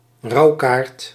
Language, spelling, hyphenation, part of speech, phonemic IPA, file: Dutch, rouwkaart, rouw‧kaart, noun, /ˈrɑu̯.kaːrt/, Nl-rouwkaart.ogg
- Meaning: mourning card